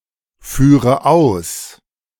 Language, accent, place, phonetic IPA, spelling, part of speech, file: German, Germany, Berlin, [ˌfyːʁə ˈaʊ̯s], führe aus, verb, De-führe aus.ogg
- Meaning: inflection of ausführen: 1. first-person singular present 2. first/third-person singular subjunctive I 3. singular imperative